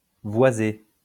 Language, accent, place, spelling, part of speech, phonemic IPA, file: French, France, Lyon, voisé, adjective / verb, /vwa.ze/, LL-Q150 (fra)-voisé.wav
- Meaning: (adjective) voiced (sounded with vibration of the vocal cords); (verb) past participle of voiser